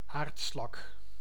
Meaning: keelback slug, any slug of the Limacidae
- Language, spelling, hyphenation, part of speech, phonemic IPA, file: Dutch, aardslak, aard‧slak, noun, /ˈaːrt.slɑk/, Nl-aardslak.ogg